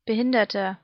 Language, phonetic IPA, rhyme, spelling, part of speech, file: German, [bəˈhɪndɐtɐ], -ɪndɐtɐ, Behinderter, noun, De-Behinderter.ogg
- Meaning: disabled person